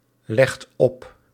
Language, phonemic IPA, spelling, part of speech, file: Dutch, /ˈlɛxt ˈɔp/, legt op, verb, Nl-legt op.ogg
- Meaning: inflection of opleggen: 1. second/third-person singular present indicative 2. plural imperative